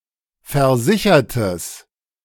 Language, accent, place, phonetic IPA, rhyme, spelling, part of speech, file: German, Germany, Berlin, [fɛɐ̯ˈzɪçɐtəs], -ɪçɐtəs, versichertes, adjective, De-versichertes.ogg
- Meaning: strong/mixed nominative/accusative neuter singular of versichert